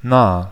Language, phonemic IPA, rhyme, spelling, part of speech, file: German, /naː/, -aː, nah, adjective / adverb, De-nah.ogg
- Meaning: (adjective) near (in space or time or in an abstract sense), close, nearby; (adverb) near (in space or time or in an abstract sense)